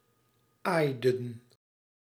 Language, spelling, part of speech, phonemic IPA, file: Dutch, aaiden, verb, /ˈajdən/, Nl-aaiden.ogg
- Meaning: inflection of aaien: 1. plural past indicative 2. plural past subjunctive